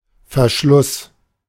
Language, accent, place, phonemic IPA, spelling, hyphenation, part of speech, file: German, Germany, Berlin, /fɛɐ̯ˈʃlʊs/, Verschluss, Ver‧schluss, noun, De-Verschluss.ogg
- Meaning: closure, closing, breechblock, shutter